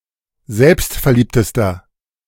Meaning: inflection of selbstverliebt: 1. strong/mixed nominative masculine singular superlative degree 2. strong genitive/dative feminine singular superlative degree
- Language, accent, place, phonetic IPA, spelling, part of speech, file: German, Germany, Berlin, [ˈzɛlpstfɛɐ̯ˌliːptəstɐ], selbstverliebtester, adjective, De-selbstverliebtester.ogg